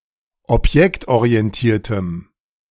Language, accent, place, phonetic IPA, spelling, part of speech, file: German, Germany, Berlin, [ɔpˈjɛktʔoʁiɛnˌtiːɐ̯təm], objektorientiertem, adjective, De-objektorientiertem.ogg
- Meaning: strong dative masculine/neuter singular of objektorientiert